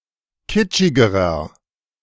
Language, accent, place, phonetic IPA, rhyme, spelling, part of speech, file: German, Germany, Berlin, [ˈkɪt͡ʃɪɡəʁɐ], -ɪt͡ʃɪɡəʁɐ, kitschigerer, adjective, De-kitschigerer.ogg
- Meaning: inflection of kitschig: 1. strong/mixed nominative masculine singular comparative degree 2. strong genitive/dative feminine singular comparative degree 3. strong genitive plural comparative degree